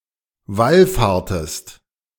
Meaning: inflection of wallfahren: 1. second-person singular preterite 2. second-person singular subjunctive II
- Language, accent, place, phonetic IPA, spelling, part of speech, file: German, Germany, Berlin, [ˈvalˌfaːɐ̯təst], wallfahrtest, verb, De-wallfahrtest.ogg